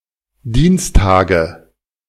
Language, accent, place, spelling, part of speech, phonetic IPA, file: German, Germany, Berlin, Dienstage, noun, [ˈdiːnsˌtaːɡə], De-Dienstage.ogg
- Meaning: nominative/accusative/genitive plural of Dienstag